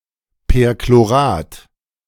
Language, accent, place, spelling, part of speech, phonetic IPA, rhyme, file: German, Germany, Berlin, Perchlorat, noun, [pɛʁkloˈʁaːt], -aːt, De-Perchlorat.ogg
- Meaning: perchlorate